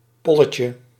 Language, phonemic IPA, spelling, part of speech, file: Dutch, /ˈpɔləcə/, polletje, noun, Nl-polletje.ogg
- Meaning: diminutive of pol